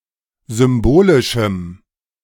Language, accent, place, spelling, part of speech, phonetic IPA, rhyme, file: German, Germany, Berlin, symbolischem, adjective, [ˌzʏmˈboːlɪʃm̩], -oːlɪʃm̩, De-symbolischem.ogg
- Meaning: strong dative masculine/neuter singular of symbolisch